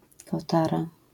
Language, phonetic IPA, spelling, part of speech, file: Polish, [kɔˈtara], kotara, noun, LL-Q809 (pol)-kotara.wav